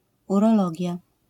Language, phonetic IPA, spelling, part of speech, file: Polish, [ˌurɔˈlɔɟja], urologia, noun, LL-Q809 (pol)-urologia.wav